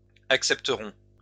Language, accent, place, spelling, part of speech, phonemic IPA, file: French, France, Lyon, accepteront, verb, /ak.sɛp.tə.ʁɔ̃/, LL-Q150 (fra)-accepteront.wav
- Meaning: third-person plural future of accepter